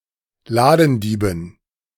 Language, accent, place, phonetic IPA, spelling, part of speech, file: German, Germany, Berlin, [ˈlaːdn̩ˌdiːbn̩], Ladendieben, noun, De-Ladendieben.ogg
- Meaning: dative plural of Ladendieb